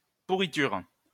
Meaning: 1. rot 2. rottenness, something rotten 3. rotter, swine; cow, bitch
- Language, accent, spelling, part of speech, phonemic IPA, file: French, France, pourriture, noun, /pu.ʁi.tyʁ/, LL-Q150 (fra)-pourriture.wav